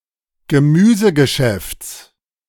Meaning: genitive singular of Gemüsegeschäft
- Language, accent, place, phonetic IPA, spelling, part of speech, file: German, Germany, Berlin, [ɡəˈmyːzəɡəˌʃɛft͡s], Gemüsegeschäfts, noun, De-Gemüsegeschäfts.ogg